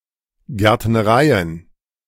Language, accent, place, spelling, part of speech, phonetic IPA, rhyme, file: German, Germany, Berlin, Gärtnereien, noun, [ˌɡɛʁtnəˈʁaɪ̯ən], -aɪ̯ən, De-Gärtnereien.ogg
- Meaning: plural of Gärtnerei